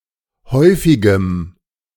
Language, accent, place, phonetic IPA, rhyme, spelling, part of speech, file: German, Germany, Berlin, [ˈhɔɪ̯fɪɡəm], -ɔɪ̯fɪɡəm, häufigem, adjective, De-häufigem.ogg
- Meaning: strong dative masculine/neuter singular of häufig